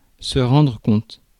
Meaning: 1. to account for, to explain 2. to realize, to notice, to become aware (of)
- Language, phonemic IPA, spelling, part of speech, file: French, /ʁɑ̃.dʁə kɔ̃t/, rendre compte, verb, Fr-rendre-compte.ogg